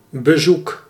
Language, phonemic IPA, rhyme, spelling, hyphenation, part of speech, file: Dutch, /bəˈzuk/, -uk, bezoek, be‧zoek, noun / verb, Nl-bezoek.ogg
- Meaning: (noun) 1. visit 2. visitors 3. research, investigation 4. temptation; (verb) inflection of bezoeken: 1. first-person singular present indicative 2. second-person singular present indicative